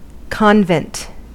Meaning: 1. A religious community whose members live under strict observation of religious rules and self-imposed vows 2. The buildings and pertaining surroundings in which such a community lives
- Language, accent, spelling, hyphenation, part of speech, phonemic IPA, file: English, US, convent, con‧vent, noun, /ˈkɑn.vɛnt/, En-us-convent.ogg